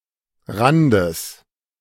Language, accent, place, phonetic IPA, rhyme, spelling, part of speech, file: German, Germany, Berlin, [ˈʁandəs], -andəs, Randes, noun, De-Randes.ogg
- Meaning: genitive singular of Rand